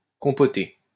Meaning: to stew (fruit, etc.)
- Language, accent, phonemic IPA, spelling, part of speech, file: French, France, /kɔ̃.pɔ.te/, compoter, verb, LL-Q150 (fra)-compoter.wav